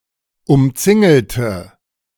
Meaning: inflection of umzingeln: 1. first/third-person singular preterite 2. first/third-person singular subjunctive II
- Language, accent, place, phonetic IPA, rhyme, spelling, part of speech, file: German, Germany, Berlin, [ʊmˈt͡sɪŋl̩tə], -ɪŋl̩tə, umzingelte, adjective / verb, De-umzingelte.ogg